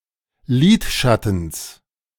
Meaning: genitive of Lidschatten
- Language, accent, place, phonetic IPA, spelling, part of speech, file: German, Germany, Berlin, [ˈliːtˌʃatn̩s], Lidschattens, noun, De-Lidschattens.ogg